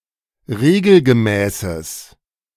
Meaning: strong/mixed nominative/accusative neuter singular of regelgemäß
- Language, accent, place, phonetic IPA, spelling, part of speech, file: German, Germany, Berlin, [ˈʁeːɡl̩ɡəˌmɛːsəs], regelgemäßes, adjective, De-regelgemäßes.ogg